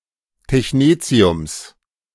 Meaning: genitive singular of Technetium
- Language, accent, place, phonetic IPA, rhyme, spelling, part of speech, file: German, Germany, Berlin, [tɛçˈneːt͡si̯ʊms], -eːt͡si̯ʊms, Technetiums, noun, De-Technetiums.ogg